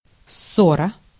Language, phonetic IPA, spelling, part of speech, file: Russian, [ˈsːorə], ссора, noun, Ru-ссора.ogg
- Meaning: 1. quarrel 2. disagreement 3. brawl, battle 4. controversy